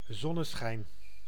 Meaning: sunshine
- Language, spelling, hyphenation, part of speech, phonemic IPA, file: Dutch, zonneschijn, zon‧ne‧schijn, noun, /ˈzɔ.nəˌsxɛi̯n/, Nl-zonneschijn.ogg